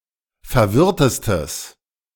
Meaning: strong/mixed nominative/accusative neuter singular superlative degree of verwirrt
- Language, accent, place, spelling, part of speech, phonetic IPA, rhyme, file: German, Germany, Berlin, verwirrtestes, adjective, [fɛɐ̯ˈvɪʁtəstəs], -ɪʁtəstəs, De-verwirrtestes.ogg